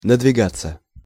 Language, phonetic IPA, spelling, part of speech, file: Russian, [nədvʲɪˈɡat͡sːə], надвигаться, verb, Ru-надвигаться.ogg
- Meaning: 1. to approach, to draw near, to impend, to be imminent 2. to come (over), to move (onto) 3. passive of надвига́ть (nadvigátʹ)